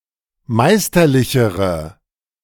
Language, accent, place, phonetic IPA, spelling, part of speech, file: German, Germany, Berlin, [ˈmaɪ̯stɐˌlɪçəʁə], meisterlichere, adjective, De-meisterlichere.ogg
- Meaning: inflection of meisterlich: 1. strong/mixed nominative/accusative feminine singular comparative degree 2. strong nominative/accusative plural comparative degree